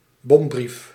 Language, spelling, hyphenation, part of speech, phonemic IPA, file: Dutch, bombrief, bom‧brief, noun, /ˈbɔm.brif/, Nl-bombrief.ogg
- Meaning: letter bomb (letter containing an explosive)